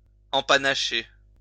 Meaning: to decorate with plumes
- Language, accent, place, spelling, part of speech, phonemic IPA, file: French, France, Lyon, empanacher, verb, /ɑ̃.pa.na.ʃe/, LL-Q150 (fra)-empanacher.wav